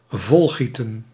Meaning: 1. to pour full 2. to guzzle, to drink till one becomes drunk
- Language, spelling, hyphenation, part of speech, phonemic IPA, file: Dutch, volgieten, vol‧gie‧ten, verb, /ˈvɔlˌɣi.tə(n)/, Nl-volgieten.ogg